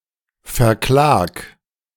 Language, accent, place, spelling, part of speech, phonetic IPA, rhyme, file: German, Germany, Berlin, verklag, verb, [fɛɐ̯ˈklaːk], -aːk, De-verklag.ogg
- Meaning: 1. singular imperative of verklagen 2. first-person singular present of verklagen